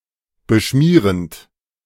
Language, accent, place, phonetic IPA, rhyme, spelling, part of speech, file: German, Germany, Berlin, [bəˈʃmiːʁənt], -iːʁənt, beschmierend, verb, De-beschmierend.ogg
- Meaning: present participle of beschmieren